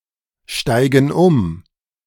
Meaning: inflection of umsteigen: 1. first/third-person plural present 2. first/third-person plural subjunctive I
- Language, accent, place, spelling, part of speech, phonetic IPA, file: German, Germany, Berlin, steigen um, verb, [ˌʃtaɪ̯ɡn̩ ˈʊm], De-steigen um.ogg